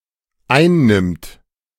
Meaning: third-person singular dependent present of einnehmen
- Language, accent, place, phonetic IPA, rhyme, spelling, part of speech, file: German, Germany, Berlin, [ˈaɪ̯nˌnɪmt], -aɪ̯nnɪmt, einnimmt, verb, De-einnimmt.ogg